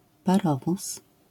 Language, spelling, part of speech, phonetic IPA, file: Polish, parowóz, noun, [paˈrɔvus], LL-Q809 (pol)-parowóz.wav